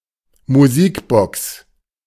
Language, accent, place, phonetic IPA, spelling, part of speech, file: German, Germany, Berlin, [muˈziːkˌbɔks], Musikbox, noun, De-Musikbox.ogg
- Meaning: jukebox